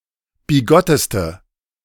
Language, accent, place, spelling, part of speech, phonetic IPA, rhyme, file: German, Germany, Berlin, bigotteste, adjective, [biˈɡɔtəstə], -ɔtəstə, De-bigotteste.ogg
- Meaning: inflection of bigott: 1. strong/mixed nominative/accusative feminine singular superlative degree 2. strong nominative/accusative plural superlative degree